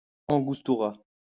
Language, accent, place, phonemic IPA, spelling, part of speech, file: French, France, Lyon, /ɑ̃.ɡus.tu.ʁa/, angustura, noun, LL-Q150 (fra)-angustura.wav
- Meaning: alternative form of angostura